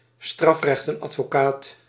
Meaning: a defence counsel or defense lawyer specialised in criminal law
- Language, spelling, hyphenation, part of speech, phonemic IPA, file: Dutch, strafrechtadvocaat, straf‧recht‧ad‧vo‧caat, noun, /ˈstrɑf.rɛxt.ɑt.foːˌkaːt/, Nl-strafrechtadvocaat.ogg